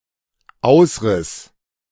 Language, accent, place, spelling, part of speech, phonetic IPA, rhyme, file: German, Germany, Berlin, ausriss, verb, [ˈaʊ̯sˌʁɪs], -aʊ̯sʁɪs, De-ausriss.ogg
- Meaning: first/third-person singular dependent preterite of ausreißen